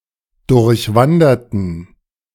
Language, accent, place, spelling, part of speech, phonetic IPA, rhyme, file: German, Germany, Berlin, durchwanderten, adjective / verb, [dʊʁçˈvandɐtn̩], -andɐtn̩, De-durchwanderten.ogg
- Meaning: inflection of durchwandern: 1. first/third-person plural preterite 2. first/third-person plural subjunctive II